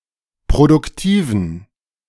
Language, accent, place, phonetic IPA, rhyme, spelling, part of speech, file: German, Germany, Berlin, [pʁodʊkˈtiːvn̩], -iːvn̩, produktiven, adjective, De-produktiven.ogg
- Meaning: inflection of produktiv: 1. strong genitive masculine/neuter singular 2. weak/mixed genitive/dative all-gender singular 3. strong/weak/mixed accusative masculine singular 4. strong dative plural